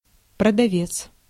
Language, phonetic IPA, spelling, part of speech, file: Russian, [prədɐˈvʲet͡s], продавец, noun, Ru-продавец.ogg
- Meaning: 1. seller, salesman, vendor 2. shop assistant (shop employee)